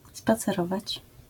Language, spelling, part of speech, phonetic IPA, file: Polish, spacerować, verb, [ˌspat͡sɛˈrɔvat͡ɕ], LL-Q809 (pol)-spacerować.wav